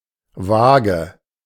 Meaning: vague
- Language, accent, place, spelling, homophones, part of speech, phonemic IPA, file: German, Germany, Berlin, vage, Waage / wage, adjective, /ˈvaː.ɡə/, De-vage.ogg